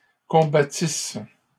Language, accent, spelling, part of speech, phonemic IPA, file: French, Canada, combattisses, verb, /kɔ̃.ba.tis/, LL-Q150 (fra)-combattisses.wav
- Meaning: second-person singular imperfect subjunctive of combattre